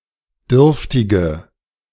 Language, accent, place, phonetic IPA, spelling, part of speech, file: German, Germany, Berlin, [ˈdʏʁftɪɡə], dürftige, adjective, De-dürftige.ogg
- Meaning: inflection of dürftig: 1. strong/mixed nominative/accusative feminine singular 2. strong nominative/accusative plural 3. weak nominative all-gender singular 4. weak accusative feminine/neuter singular